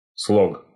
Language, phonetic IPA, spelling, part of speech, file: Russian, [sɫok], слог, noun, Ru-слог.ogg
- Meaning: 1. syllable 2. style, manner of writing